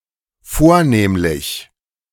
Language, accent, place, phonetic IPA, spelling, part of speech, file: German, Germany, Berlin, [ˈfoːɐ̯ˌneːmlɪç], vornehmlich, adverb, De-vornehmlich.ogg
- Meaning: 1. especially 2. principally, primarily 3. predominantly